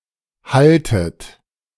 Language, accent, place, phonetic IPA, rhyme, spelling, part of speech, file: German, Germany, Berlin, [ˈhaltət], -altət, haltet, verb, De-haltet.ogg
- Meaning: inflection of halten: 1. second-person plural present 2. second-person plural subjunctive I 3. plural imperative